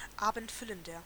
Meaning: 1. comparative degree of abendfüllend 2. inflection of abendfüllend: strong/mixed nominative masculine singular 3. inflection of abendfüllend: strong genitive/dative feminine singular
- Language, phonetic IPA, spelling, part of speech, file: German, [ˈaːbn̩tˌfʏləndɐ], abendfüllender, adjective, De-abendfüllender.ogg